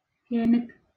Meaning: cool, chilly
- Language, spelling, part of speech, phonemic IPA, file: Northern Kurdish, hênik, adjective, /heːˈnɪk/, LL-Q36368 (kur)-hênik.wav